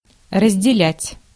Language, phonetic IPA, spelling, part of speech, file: Russian, [rəzʲdʲɪˈlʲætʲ], разделять, verb, Ru-разделять.ogg
- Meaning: 1. to divide 2. to separate 3. to share (to have in common)